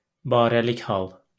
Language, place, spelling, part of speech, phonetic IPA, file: Azerbaijani, Baku, barəlik hal, noun, [bɑːɾæˈliç hɑɫ], LL-Q9292 (aze)-barəlik hal.wav
- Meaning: prepositional case